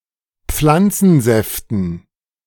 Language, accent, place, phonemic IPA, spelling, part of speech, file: German, Germany, Berlin, /ˈp͡flant͡sn̩ˌzɛftn̩/, Pflanzensäften, noun, De-Pflanzensäften.ogg
- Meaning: dative plural of Pflanzensaft